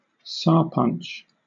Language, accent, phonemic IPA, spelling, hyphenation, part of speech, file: English, Southern England, /ˈsʌɹpʌnt͡ʃ/, sarpanch, sar‧panch, noun, LL-Q1860 (eng)-sarpanch.wav
- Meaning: The elected head of a panchayat (village government) in Bangladesh, India, or Pakistan